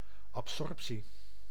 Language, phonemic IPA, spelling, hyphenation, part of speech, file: Dutch, /ˌɑpˈsɔrp.si/, absorptie, ab‧sorp‧tie, noun, Nl-absorptie.ogg
- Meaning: absorption, act or process of absorbing or sucking in something